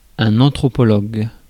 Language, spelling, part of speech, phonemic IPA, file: French, anthropologue, noun, /ɑ̃.tʁɔ.pɔ.lɔɡ/, Fr-anthropologue.ogg
- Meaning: anthropologist